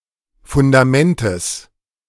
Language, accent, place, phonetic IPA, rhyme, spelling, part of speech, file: German, Germany, Berlin, [fʊndaˈmɛntəs], -ɛntəs, Fundamentes, noun, De-Fundamentes.ogg
- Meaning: genitive of Fundament